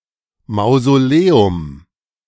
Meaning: mausoleum
- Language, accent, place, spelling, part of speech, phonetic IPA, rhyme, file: German, Germany, Berlin, Mausoleum, noun, [maʊ̯zoˈleːʊm], -eːʊm, De-Mausoleum.ogg